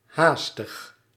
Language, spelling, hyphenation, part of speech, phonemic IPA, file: Dutch, haastig, haas‧tig, adjective, /ˈɦaːs.təx/, Nl-haastig.ogg
- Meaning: 1. hasty, rash, impetuous 2. irritable, quick to anger